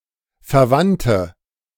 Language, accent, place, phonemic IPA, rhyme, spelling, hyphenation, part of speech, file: German, Germany, Berlin, /fɛɐ̯ˈvantə/, -antə, Verwandte, Ver‧wand‧te, noun, De-Verwandte.ogg
- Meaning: 1. female equivalent of Verwandter: female relative 2. inflection of Verwandter: strong nominative/accusative plural 3. inflection of Verwandter: weak nominative singular